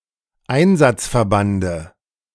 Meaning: dative singular of Einsatzverband
- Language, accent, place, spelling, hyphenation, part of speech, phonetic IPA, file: German, Germany, Berlin, Einsatzverbande, Ein‧satz‧ver‧ban‧de, noun, [ˈaɪ̯nzatsfɛɐ̯ˌbandə], De-Einsatzverbande.ogg